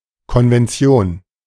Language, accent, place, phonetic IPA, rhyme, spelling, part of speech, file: German, Germany, Berlin, [kɔnvɛnˈt͡si̯oːn], -oːn, Konvention, noun, De-Konvention.ogg
- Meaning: convention